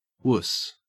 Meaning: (noun) A weak, ineffectual, cowardly, or timid person; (verb) Only used in wuss out
- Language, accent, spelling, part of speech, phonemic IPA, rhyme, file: English, Australia, wuss, noun / verb, /wʊs/, -ʊs, En-au-wuss.ogg